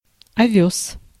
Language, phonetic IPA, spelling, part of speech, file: Russian, [ɐˈvʲɵs], овёс, noun, Ru-овёс.ogg
- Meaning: oats